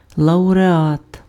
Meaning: laureate, prizewinner
- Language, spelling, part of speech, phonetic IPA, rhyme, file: Ukrainian, лауреат, noun, [ɫɐʊreˈat], -at, Uk-лауреат.ogg